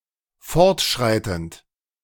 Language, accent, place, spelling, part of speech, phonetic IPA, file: German, Germany, Berlin, fortschreitend, verb, [ˈfɔʁtˌʃʁaɪ̯tn̩t], De-fortschreitend.ogg
- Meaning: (verb) present participle of fortschreiten; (adjective) 1. onward, progressing 2. progressive, advancing